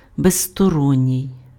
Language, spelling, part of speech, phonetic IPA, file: Ukrainian, безсторонній, adjective, [bezstɔˈrɔnʲːii̯], Uk-безсторонній.ogg
- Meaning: impartial